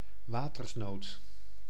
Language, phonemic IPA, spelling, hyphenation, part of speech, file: Dutch, /ˈwatərsˌnot/, watersnood, wa‧ters‧nood, noun, Nl-watersnood.ogg
- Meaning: a flood